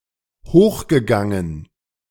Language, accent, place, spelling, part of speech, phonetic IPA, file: German, Germany, Berlin, hochgegangen, verb, [ˈhoːxɡəˌɡaŋən], De-hochgegangen.ogg
- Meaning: past participle of hochgehen